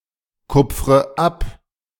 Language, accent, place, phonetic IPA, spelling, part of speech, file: German, Germany, Berlin, [ˌkʊp͡fʁə ˈap], kupfre ab, verb, De-kupfre ab.ogg
- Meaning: inflection of abkupfern: 1. first-person singular present 2. first/third-person singular subjunctive I 3. singular imperative